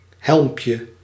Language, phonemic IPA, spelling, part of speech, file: Dutch, /ˈhɛlᵊmpjə/, helmpje, noun, Nl-helmpje.ogg
- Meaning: diminutive of helm